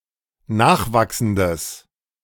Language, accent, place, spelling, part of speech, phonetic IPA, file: German, Germany, Berlin, nachwachsendes, adjective, [ˈnaːxˌvaksn̩dəs], De-nachwachsendes.ogg
- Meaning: strong/mixed nominative/accusative neuter singular of nachwachsend